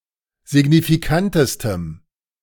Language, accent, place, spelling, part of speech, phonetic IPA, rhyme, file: German, Germany, Berlin, signifikantestem, adjective, [zɪɡnifiˈkantəstəm], -antəstəm, De-signifikantestem.ogg
- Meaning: strong dative masculine/neuter singular superlative degree of signifikant